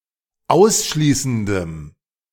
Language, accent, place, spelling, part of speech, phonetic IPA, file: German, Germany, Berlin, ausschließendem, adjective, [ˈaʊ̯sˌʃliːsn̩dəm], De-ausschließendem.ogg
- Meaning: strong dative masculine/neuter singular of ausschließend